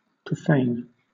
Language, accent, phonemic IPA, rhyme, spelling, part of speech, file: English, Southern England, /pɹəˈfeɪn/, -eɪn, profane, adjective / noun / verb, LL-Q1860 (eng)-profane.wav
- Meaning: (adjective) 1. Unclean; ritually impure; unholy, desecrating a holy place or thing 2. Not sacred or holy, unconsecrated; relating to non-religious matters, secular